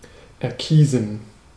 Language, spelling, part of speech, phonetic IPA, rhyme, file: German, erkiesen, verb, [ɛɐ̯ˈkiːzn̩], -iːzn̩, De-erkiesen.ogg
- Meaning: to pick, go for, choose